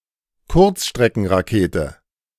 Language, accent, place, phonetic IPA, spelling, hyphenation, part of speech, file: German, Germany, Berlin, [ˈkʊʁtsʃtʁɛkn̩ʁaˌkeːtə], Kurzstreckenrakete, Kurz‧stre‧cken‧ra‧ke‧te, noun, De-Kurzstreckenrakete.ogg
- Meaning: short-range missile